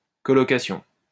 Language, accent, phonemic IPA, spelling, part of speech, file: French, France, /kɔ.lɔ.ka.sjɔ̃/, collocation, noun, LL-Q150 (fra)-collocation.wav
- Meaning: 1. collocation 2. shared apartment